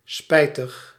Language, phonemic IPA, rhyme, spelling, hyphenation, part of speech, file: Dutch, /ˈspɛi̯.təx/, -ɛi̯təx, spijtig, spijt‧ig, adjective, Nl-spijtig.ogg
- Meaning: regrettable